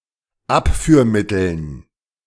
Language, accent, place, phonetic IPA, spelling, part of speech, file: German, Germany, Berlin, [ˈapfyːɐ̯ˌmɪtl̩n], Abführmitteln, noun, De-Abführmitteln.ogg
- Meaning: dative plural of Abführmittel